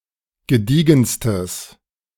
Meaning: strong/mixed nominative/accusative neuter singular superlative degree of gediegen
- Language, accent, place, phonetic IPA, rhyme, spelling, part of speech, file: German, Germany, Berlin, [ɡəˈdiːɡn̩stəs], -iːɡn̩stəs, gediegenstes, adjective, De-gediegenstes.ogg